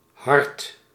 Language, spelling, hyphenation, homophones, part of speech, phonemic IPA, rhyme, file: Dutch, hard, hard, hart, adjective / adverb / verb, /ɦɑrt/, -ɑrt, Nl-hard.ogg
- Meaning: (adjective) 1. hard, strong 2. strong, not easily devalued 3. unquestionable, uncontestable 4. heartless, unsympathetic (of a person) 5. hard, difficult 6. harsh, heavy